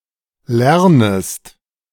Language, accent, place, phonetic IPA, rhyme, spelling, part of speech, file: German, Germany, Berlin, [ˈlɛʁnəst], -ɛʁnəst, lernest, verb, De-lernest.ogg
- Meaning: second-person singular subjunctive I of lernen